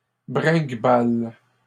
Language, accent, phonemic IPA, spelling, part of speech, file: French, Canada, /bʁɛ̃ɡ.bal/, bringuebales, verb, LL-Q150 (fra)-bringuebales.wav
- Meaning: second-person singular present indicative/subjunctive of bringuebaler